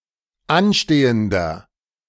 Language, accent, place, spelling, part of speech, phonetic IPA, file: German, Germany, Berlin, anstehender, adjective, [ˈanˌʃteːəndɐ], De-anstehender.ogg
- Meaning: inflection of anstehend: 1. strong/mixed nominative masculine singular 2. strong genitive/dative feminine singular 3. strong genitive plural